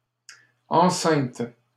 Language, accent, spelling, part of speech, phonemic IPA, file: French, Canada, enceintes, adjective / noun / verb, /ɑ̃.sɛ̃t/, LL-Q150 (fra)-enceintes.wav
- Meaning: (adjective) feminine plural of enceint; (noun) plural of enceinte